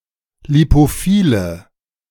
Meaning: inflection of lipophil: 1. strong/mixed nominative/accusative feminine singular 2. strong nominative/accusative plural 3. weak nominative all-gender singular
- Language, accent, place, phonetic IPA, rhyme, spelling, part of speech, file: German, Germany, Berlin, [lipoˈfiːlə], -iːlə, lipophile, adjective, De-lipophile.ogg